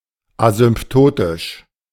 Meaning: asymptotic
- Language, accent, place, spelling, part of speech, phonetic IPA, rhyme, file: German, Germany, Berlin, asymptotisch, adjective, [azʏmˈptoːtɪʃ], -oːtɪʃ, De-asymptotisch.ogg